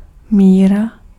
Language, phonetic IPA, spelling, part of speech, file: Czech, [ˈmiːra], míra, noun, Cs-míra.ogg
- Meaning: 1. measure (quantity, size, weight, distance or capacity of a substance compared to a designated standard) 2. measure